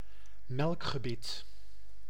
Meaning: milk teeth
- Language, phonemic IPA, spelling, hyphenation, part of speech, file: Dutch, /ˈmɛlk.xəˌbɪt/, melkgebit, melk‧ge‧bit, noun, Nl-melkgebit.ogg